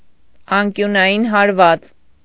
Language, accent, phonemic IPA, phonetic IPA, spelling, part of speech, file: Armenian, Eastern Armenian, /ɑnkjunɑˈjin hɑɾˈvɑt͡s/, [ɑŋkjunɑjín hɑɾvɑ́t͡s], անկյունային հարված, noun, Hy-անկյունային հարված.ogg
- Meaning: corner kick